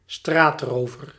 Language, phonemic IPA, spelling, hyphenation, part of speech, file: Dutch, /ˈstraːtˌroː.vər/, straatrover, straat‧ro‧ver, noun, Nl-straatrover.ogg
- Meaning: street robber, mugger